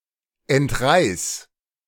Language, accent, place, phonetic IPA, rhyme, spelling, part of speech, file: German, Germany, Berlin, [ɛntˈʁaɪ̯s], -aɪ̯s, entreiß, verb, De-entreiß.ogg
- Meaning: singular imperative of entreißen